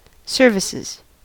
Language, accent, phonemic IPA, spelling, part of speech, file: English, US, /ˈsɝ.vɪ.sɪz/, services, noun / verb, En-us-services.ogg
- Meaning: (noun) 1. That which is produced, then traded, bought or sold, then finally consumed and consists of an action or work 2. plural of service 3. A service station